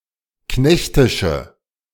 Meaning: inflection of knechtisch: 1. strong/mixed nominative/accusative feminine singular 2. strong nominative/accusative plural 3. weak nominative all-gender singular
- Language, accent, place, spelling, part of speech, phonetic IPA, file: German, Germany, Berlin, knechtische, adjective, [ˈknɛçtɪʃə], De-knechtische.ogg